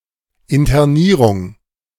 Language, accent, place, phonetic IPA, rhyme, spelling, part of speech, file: German, Germany, Berlin, [ɪntɐˈniːʁʊŋ], -iːʁʊŋ, Internierung, noun, De-Internierung.ogg
- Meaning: internment